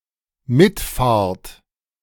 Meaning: second-person plural dependent present of mitfahren
- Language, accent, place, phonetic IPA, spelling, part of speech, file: German, Germany, Berlin, [ˈmɪtˌfaːɐ̯t], mitfahrt, verb, De-mitfahrt.ogg